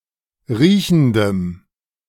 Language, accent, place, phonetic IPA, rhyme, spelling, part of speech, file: German, Germany, Berlin, [ˈʁiːçn̩dəm], -iːçn̩dəm, riechendem, adjective, De-riechendem.ogg
- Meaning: strong dative masculine/neuter singular of riechend